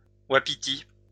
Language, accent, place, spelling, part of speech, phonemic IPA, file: French, France, Lyon, wapiti, noun, /wa.pi.ti/, LL-Q150 (fra)-wapiti.wav
- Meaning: wapiti